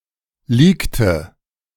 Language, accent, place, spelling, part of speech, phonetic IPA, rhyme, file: German, Germany, Berlin, leakte, verb, [ˈliːktə], -iːktə, De-leakte.ogg
- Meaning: inflection of leaken: 1. first/third-person singular preterite 2. first/third-person singular subjunctive II